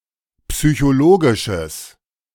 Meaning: strong/mixed nominative/accusative neuter singular of psychologisch
- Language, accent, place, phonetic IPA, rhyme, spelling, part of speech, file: German, Germany, Berlin, [psyçoˈloːɡɪʃəs], -oːɡɪʃəs, psychologisches, adjective, De-psychologisches.ogg